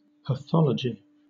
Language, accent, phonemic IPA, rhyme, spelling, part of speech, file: English, Southern England, /pəˈθɒləd͡ʒi/, -ɒlədʒi, pathology, noun, LL-Q1860 (eng)-pathology.wav